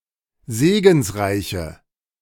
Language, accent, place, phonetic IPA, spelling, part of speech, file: German, Germany, Berlin, [ˈzeːɡn̩sˌʁaɪ̯çə], segensreiche, adjective, De-segensreiche.ogg
- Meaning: inflection of segensreich: 1. strong/mixed nominative/accusative feminine singular 2. strong nominative/accusative plural 3. weak nominative all-gender singular